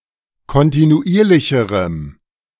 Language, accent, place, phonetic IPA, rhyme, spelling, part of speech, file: German, Germany, Berlin, [kɔntinuˈʔiːɐ̯lɪçəʁəm], -iːɐ̯lɪçəʁəm, kontinuierlicherem, adjective, De-kontinuierlicherem.ogg
- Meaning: strong dative masculine/neuter singular comparative degree of kontinuierlich